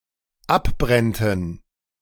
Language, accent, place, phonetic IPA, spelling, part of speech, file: German, Germany, Berlin, [ˈapˌbʁɛntn̩], abbrennten, verb, De-abbrennten.ogg
- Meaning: first/third-person plural dependent subjunctive II of abbrennen